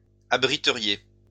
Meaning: second-person plural conditional of abriter
- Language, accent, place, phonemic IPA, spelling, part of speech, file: French, France, Lyon, /a.bʁi.tə.ʁje/, abriteriez, verb, LL-Q150 (fra)-abriteriez.wav